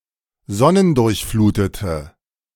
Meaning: inflection of sonnendurchflutet: 1. strong/mixed nominative/accusative feminine singular 2. strong nominative/accusative plural 3. weak nominative all-gender singular
- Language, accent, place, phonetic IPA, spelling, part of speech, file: German, Germany, Berlin, [ˈzɔnəndʊʁçˌfluːtətə], sonnendurchflutete, adjective, De-sonnendurchflutete.ogg